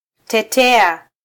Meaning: 1. Applicative form of -teta: to defend for someone, to represent someone in defense 2. to cackle
- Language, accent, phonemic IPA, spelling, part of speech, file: Swahili, Kenya, /tɛˈtɛ.ɑ/, tetea, verb, Sw-ke-tetea.flac